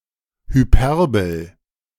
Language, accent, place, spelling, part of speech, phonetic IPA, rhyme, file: German, Germany, Berlin, Hyperbel, noun, [hyˈpɛʁbl̩], -ɛʁbl̩, De-Hyperbel.ogg
- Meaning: 1. hyperbole 2. hyperbola